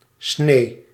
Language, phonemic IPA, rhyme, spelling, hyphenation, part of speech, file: Dutch, /sneː/, -eː, snee, snee, noun, Nl-snee.ogg
- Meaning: 1. cut (an opening resulting from cutting) 2. slice (a piece cut off from a whole) 3. alternative form of sneeuw